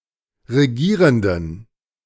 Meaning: inflection of regierend: 1. strong genitive masculine/neuter singular 2. weak/mixed genitive/dative all-gender singular 3. strong/weak/mixed accusative masculine singular 4. strong dative plural
- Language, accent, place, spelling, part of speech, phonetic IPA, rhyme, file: German, Germany, Berlin, regierenden, adjective, [ʁeˈɡiːʁəndn̩], -iːʁəndn̩, De-regierenden.ogg